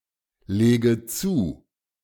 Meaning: inflection of zulegen: 1. first-person singular present 2. first/third-person singular subjunctive I 3. singular imperative
- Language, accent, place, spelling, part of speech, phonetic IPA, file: German, Germany, Berlin, lege zu, verb, [ˌleːɡə ˈt͡suː], De-lege zu.ogg